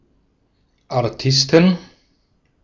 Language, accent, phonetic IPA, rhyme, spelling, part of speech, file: German, Austria, [aʁˈtɪstn̩], -ɪstn̩, Artisten, noun, De-at-Artisten.ogg
- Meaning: inflection of Artist: 1. genitive/dative/accusative singular 2. nominative/genitive/dative/accusative plural